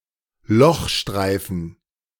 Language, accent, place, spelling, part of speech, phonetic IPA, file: German, Germany, Berlin, Lochstreifen, noun, [ˈlɔxˌʃtʁaɪ̯fn̩], De-Lochstreifen.ogg
- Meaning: paper tape, punched tape